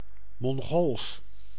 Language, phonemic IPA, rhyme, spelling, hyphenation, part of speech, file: Dutch, /mɔŋˈɣoːls/, -oːls, Mongools, Mon‧gools, adjective / proper noun, Nl-Mongools.ogg
- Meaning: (adjective) 1. Mongolian 2. Mongolic; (proper noun) the Mongolian language